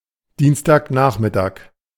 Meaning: Tuesday afternoon
- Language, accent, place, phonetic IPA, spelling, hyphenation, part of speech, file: German, Germany, Berlin, [ˈdiːnstaːkˌnaːχmɪtaːk], Dienstagnachmittag, Diens‧tag‧nach‧mit‧tag, noun, De-Dienstagnachmittag.ogg